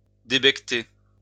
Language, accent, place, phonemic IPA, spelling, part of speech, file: French, France, Lyon, /de.bɛk.te/, débecter, verb, LL-Q150 (fra)-débecter.wav
- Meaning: 1. to hurl, to spew (to vomit) 2. to disgust